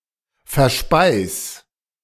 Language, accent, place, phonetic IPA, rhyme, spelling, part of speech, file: German, Germany, Berlin, [fɛɐ̯ˈʃpaɪ̯s], -aɪ̯s, verspeis, verb, De-verspeis.ogg
- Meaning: 1. singular imperative of verspeisen 2. first-person singular present of verspeisen